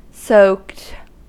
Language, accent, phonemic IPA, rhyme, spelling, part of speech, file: English, US, /səʊkt/, -əʊkt, soaked, verb / adjective, En-us-soaked.ogg
- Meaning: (verb) simple past and past participle of soak; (adjective) 1. Drenched with water, or other liquid 2. Very drunk; inebriated 3. Punched; beaten up; physically assaulted